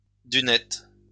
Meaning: poop deck
- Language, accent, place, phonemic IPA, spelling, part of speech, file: French, France, Lyon, /dy.nɛt/, dunette, noun, LL-Q150 (fra)-dunette.wav